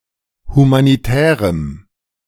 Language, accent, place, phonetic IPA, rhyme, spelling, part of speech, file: German, Germany, Berlin, [humaniˈtɛːʁəm], -ɛːʁəm, humanitärem, adjective, De-humanitärem.ogg
- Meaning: strong dative masculine/neuter singular of humanitär